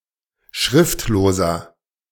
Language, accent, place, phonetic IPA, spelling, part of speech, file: German, Germany, Berlin, [ˈʃʁɪftloːzɐ], schriftloser, adjective, De-schriftloser.ogg
- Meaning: inflection of schriftlos: 1. strong/mixed nominative masculine singular 2. strong genitive/dative feminine singular 3. strong genitive plural